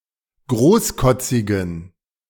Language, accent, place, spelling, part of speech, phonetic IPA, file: German, Germany, Berlin, großkotzigen, adjective, [ˈɡʁoːsˌkɔt͡sɪɡn̩], De-großkotzigen.ogg
- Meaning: inflection of großkotzig: 1. strong genitive masculine/neuter singular 2. weak/mixed genitive/dative all-gender singular 3. strong/weak/mixed accusative masculine singular 4. strong dative plural